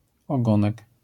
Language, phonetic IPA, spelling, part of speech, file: Polish, [ɔˈɡɔ̃nɛk], ogonek, noun, LL-Q809 (pol)-ogonek.wav